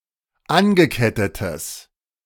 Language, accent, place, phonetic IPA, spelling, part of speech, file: German, Germany, Berlin, [ˈanɡəˌkɛtətəs], angekettetes, adjective, De-angekettetes.ogg
- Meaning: strong/mixed nominative/accusative neuter singular of angekettet